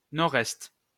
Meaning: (noun) abbreviation of nord-est; NE; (proper noun) ISO 3166-2:CH code of Neuchâtel (canton)
- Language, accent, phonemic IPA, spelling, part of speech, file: French, France, /nɔ.ʁɛst/, NE, noun / proper noun, LL-Q150 (fra)-NE.wav